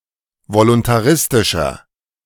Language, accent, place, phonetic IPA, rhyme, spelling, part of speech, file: German, Germany, Berlin, [volʊntaˈʁɪstɪʃɐ], -ɪstɪʃɐ, voluntaristischer, adjective, De-voluntaristischer.ogg
- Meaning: 1. comparative degree of voluntaristisch 2. inflection of voluntaristisch: strong/mixed nominative masculine singular 3. inflection of voluntaristisch: strong genitive/dative feminine singular